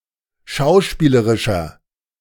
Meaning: inflection of schauspielerisch: 1. strong/mixed nominative masculine singular 2. strong genitive/dative feminine singular 3. strong genitive plural
- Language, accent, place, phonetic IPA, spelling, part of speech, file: German, Germany, Berlin, [ˈʃaʊ̯ˌʃpiːləʁɪʃɐ], schauspielerischer, adjective, De-schauspielerischer.ogg